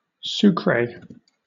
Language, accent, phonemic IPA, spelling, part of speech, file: English, Southern England, /ˈsuːkɹeɪ/, Sucre, proper noun, LL-Q1860 (eng)-Sucre.wav
- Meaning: 1. The constitutional capital of Bolivia 2. A department in Colombia 3. A town and municipality in Sucre department, Colombia 4. A town and municipality in Cauca department, Colombia